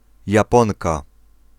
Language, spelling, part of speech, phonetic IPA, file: Polish, Japonka, noun, [jaˈpɔ̃nka], Pl-Japonka.ogg